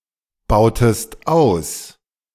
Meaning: inflection of ausbauen: 1. second-person singular preterite 2. second-person singular subjunctive II
- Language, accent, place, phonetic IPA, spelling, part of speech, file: German, Germany, Berlin, [ˌbaʊ̯təst ˈaʊ̯s], bautest aus, verb, De-bautest aus.ogg